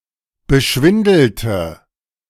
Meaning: inflection of beschwindeln: 1. first/third-person singular preterite 2. first/third-person singular subjunctive II
- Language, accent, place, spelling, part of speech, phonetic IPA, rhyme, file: German, Germany, Berlin, beschwindelte, adjective / verb, [bəˈʃvɪndl̩tə], -ɪndl̩tə, De-beschwindelte.ogg